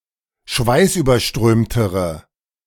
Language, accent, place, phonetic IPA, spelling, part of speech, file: German, Germany, Berlin, [ˈʃvaɪ̯sʔyːbɐˌʃtʁøːmtəʁə], schweißüberströmtere, adjective, De-schweißüberströmtere.ogg
- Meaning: inflection of schweißüberströmt: 1. strong/mixed nominative/accusative feminine singular comparative degree 2. strong nominative/accusative plural comparative degree